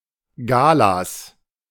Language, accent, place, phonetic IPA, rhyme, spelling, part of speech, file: German, Germany, Berlin, [ˈɡaːlas], -aːlas, Galas, noun, De-Galas.ogg
- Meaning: plural of Gala